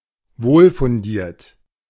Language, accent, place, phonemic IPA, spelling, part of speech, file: German, Germany, Berlin, /ˈvoːlfʊnˌdiːɐ̯t/, wohlfundiert, adjective, De-wohlfundiert.ogg
- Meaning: well-founded